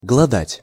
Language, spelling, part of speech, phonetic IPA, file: Russian, глодать, verb, [ɡɫɐˈdatʲ], Ru-глодать.ogg
- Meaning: 1. to gnaw 2. to torment, to gnaw at (of feelings)